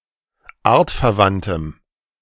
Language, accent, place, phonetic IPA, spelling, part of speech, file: German, Germany, Berlin, [ˈaːɐ̯tfɛɐ̯ˌvantəm], artverwandtem, adjective, De-artverwandtem.ogg
- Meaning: strong dative masculine/neuter singular of artverwandt